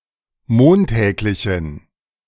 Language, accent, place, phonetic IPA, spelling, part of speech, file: German, Germany, Berlin, [ˈmoːnˌtɛːklɪçn̩], montäglichen, adjective, De-montäglichen.ogg
- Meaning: inflection of montäglich: 1. strong genitive masculine/neuter singular 2. weak/mixed genitive/dative all-gender singular 3. strong/weak/mixed accusative masculine singular 4. strong dative plural